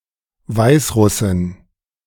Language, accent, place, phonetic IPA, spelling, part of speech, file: German, Germany, Berlin, [ˈvaɪ̯sˌʁʊsɪn], Weißrussin, noun, De-Weißrussin.ogg
- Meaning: a female Belarusian